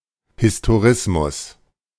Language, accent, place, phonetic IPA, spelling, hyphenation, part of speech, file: German, Germany, Berlin, [hɪstoˈʁɪsmʊs], Historismus, His‧to‧ris‧mus, noun, De-Historismus.ogg
- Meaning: 1. historicism 2. historism